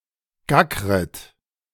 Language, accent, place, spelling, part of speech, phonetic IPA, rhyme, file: German, Germany, Berlin, gackret, verb, [ˈɡakʁət], -akʁət, De-gackret.ogg
- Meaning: second-person plural subjunctive I of gackern